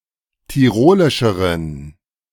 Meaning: inflection of tirolisch: 1. strong genitive masculine/neuter singular comparative degree 2. weak/mixed genitive/dative all-gender singular comparative degree
- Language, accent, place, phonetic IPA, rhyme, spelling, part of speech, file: German, Germany, Berlin, [tiˈʁoːlɪʃəʁən], -oːlɪʃəʁən, tirolischeren, adjective, De-tirolischeren.ogg